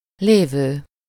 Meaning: present participle of van: existing, to be found, located
- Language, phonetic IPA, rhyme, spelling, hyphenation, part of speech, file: Hungarian, [ˈleːvøː], -vøː, lévő, lé‧vő, verb, Hu-lévő.ogg